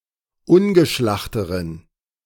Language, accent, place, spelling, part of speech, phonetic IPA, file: German, Germany, Berlin, ungeschlachteren, adjective, [ˈʊnɡəˌʃlaxtəʁən], De-ungeschlachteren.ogg
- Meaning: inflection of ungeschlacht: 1. strong genitive masculine/neuter singular comparative degree 2. weak/mixed genitive/dative all-gender singular comparative degree